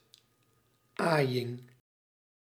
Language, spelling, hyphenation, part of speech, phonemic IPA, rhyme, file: Dutch, aaiing, aai‧ing, noun, /ˈaːi̯ɪŋ/, -aːi̯ɪŋ, Nl-aaiing.ogg
- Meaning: petting